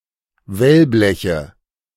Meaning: nominative/accusative/genitive plural of Wellblech
- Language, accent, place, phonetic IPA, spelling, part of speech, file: German, Germany, Berlin, [ˈvɛlˌblɛçə], Wellbleche, noun, De-Wellbleche.ogg